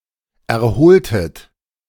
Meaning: inflection of erholen: 1. second-person plural preterite 2. second-person plural subjunctive II
- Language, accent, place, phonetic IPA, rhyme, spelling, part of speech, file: German, Germany, Berlin, [ɛɐ̯ˈhoːltət], -oːltət, erholtet, verb, De-erholtet.ogg